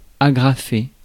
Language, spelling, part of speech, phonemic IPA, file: French, agrafer, verb, /a.ɡʁa.fe/, Fr-agrafer.ogg
- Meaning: to staple (secure with a staple)